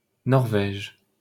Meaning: Norway (a country in Scandinavia in Northern Europe)
- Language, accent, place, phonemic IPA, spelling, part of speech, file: French, France, Paris, /nɔʁ.vɛʒ/, Norvège, proper noun, LL-Q150 (fra)-Norvège.wav